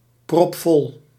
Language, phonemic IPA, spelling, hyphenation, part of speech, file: Dutch, /prɔpˈfɔl/, propvol, prop‧vol, adjective, Nl-propvol.ogg
- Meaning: completely full, abrim